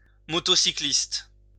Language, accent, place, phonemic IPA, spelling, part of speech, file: French, France, Lyon, /mɔ.tɔ.si.klist/, motocycliste, noun, LL-Q150 (fra)-motocycliste.wav
- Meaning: motorcyclist